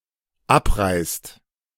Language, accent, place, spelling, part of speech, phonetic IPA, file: German, Germany, Berlin, abreißt, verb, [ˈapˌʁaɪ̯st], De-abreißt.ogg
- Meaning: inflection of abreißen: 1. second/third-person singular dependent present 2. second-person plural dependent present